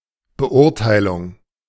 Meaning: judgement, assessment
- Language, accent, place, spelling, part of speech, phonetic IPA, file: German, Germany, Berlin, Beurteilung, noun, [bəˈʔʊʁtaɪ̯lʊŋ], De-Beurteilung.ogg